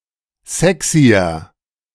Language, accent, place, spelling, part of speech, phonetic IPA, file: German, Germany, Berlin, sexyer, adjective, [ˈzɛksiɐ], De-sexyer.ogg
- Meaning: 1. comparative degree of sexy 2. inflection of sexy: strong/mixed nominative masculine singular 3. inflection of sexy: strong genitive/dative feminine singular